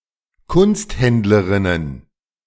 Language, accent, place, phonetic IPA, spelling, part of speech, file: German, Germany, Berlin, [ˈkʊnstˌhɛndləʁɪnən], Kunsthändlerinnen, noun, De-Kunsthändlerinnen.ogg
- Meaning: plural of Kunsthändlerin